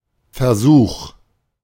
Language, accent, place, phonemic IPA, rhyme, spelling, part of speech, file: German, Germany, Berlin, /fɛɐ̯ˈzuːx/, -uːx, Versuch, noun, De-Versuch.ogg
- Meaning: 1. attempt 2. experiment; test, trial 3. try